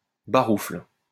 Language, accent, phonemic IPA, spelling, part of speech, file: French, France, /ba.ʁufl/, baroufle, noun, LL-Q150 (fra)-baroufle.wav
- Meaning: bustle, tumult